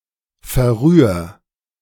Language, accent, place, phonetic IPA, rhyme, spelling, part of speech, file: German, Germany, Berlin, [fɛɐ̯ˈʁyːɐ̯], -yːɐ̯, verrühr, verb, De-verrühr.ogg
- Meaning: 1. singular imperative of verrühren 2. first-person singular present of verrühren